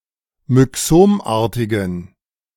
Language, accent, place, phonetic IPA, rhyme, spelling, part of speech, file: German, Germany, Berlin, [mʏˈksoːmˌʔaːɐ̯tɪɡn̩], -oːmʔaːɐ̯tɪɡn̩, myxomartigen, adjective, De-myxomartigen.ogg
- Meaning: inflection of myxomartig: 1. strong genitive masculine/neuter singular 2. weak/mixed genitive/dative all-gender singular 3. strong/weak/mixed accusative masculine singular 4. strong dative plural